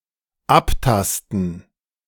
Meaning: 1. to feel 2. to frisk 3. to scan 4. to palpate
- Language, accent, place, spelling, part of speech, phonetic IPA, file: German, Germany, Berlin, abtasten, verb, [ˈapˌtastn̩], De-abtasten.ogg